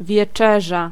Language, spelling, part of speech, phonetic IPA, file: Polish, wieczerza, noun, [vʲɛˈt͡ʃɛʒa], Pl-wieczerza.ogg